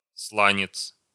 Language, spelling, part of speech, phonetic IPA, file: Russian, сланец, noun, [ˈsɫanʲɪt͡s], Ru-сланец.ogg
- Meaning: shale, schist, slate (sedimentary rock)